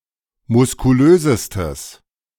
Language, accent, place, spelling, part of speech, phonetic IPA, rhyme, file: German, Germany, Berlin, muskulösestes, adjective, [mʊskuˈløːzəstəs], -øːzəstəs, De-muskulösestes.ogg
- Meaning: strong/mixed nominative/accusative neuter singular superlative degree of muskulös